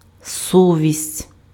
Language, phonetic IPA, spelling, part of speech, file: Ukrainian, [ˈsɔʋʲisʲtʲ], совість, noun, Uk-совість.ogg
- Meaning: conscience (moral sense of right and wrong)